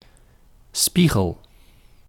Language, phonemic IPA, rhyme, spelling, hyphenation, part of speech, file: Dutch, /ˈspi.ɣəl/, -iɣəl, spiegel, spie‧gel, noun, Nl-spiegel.ogg
- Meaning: 1. mirror (reflective surface that shows an image of what is in front of it) 2. mirror (object, person or event that reflects or gives a (figurative) picture of another) 3. stern of a ship